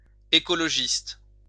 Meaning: 1. environmentalist (one who advocates for the protection of the environment) 2. ecologist
- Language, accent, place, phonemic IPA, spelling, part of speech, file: French, France, Lyon, /e.kɔ.lɔ.ʒist/, écologiste, noun, LL-Q150 (fra)-écologiste.wav